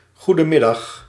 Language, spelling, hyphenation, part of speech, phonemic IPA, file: Dutch, goedenmiddag, goe‧den‧mid‧dag, interjection, /ˌɣudə(n)ˈmɪdɑx/, Nl-goedenmiddag.ogg
- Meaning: alternative form of goedemiddag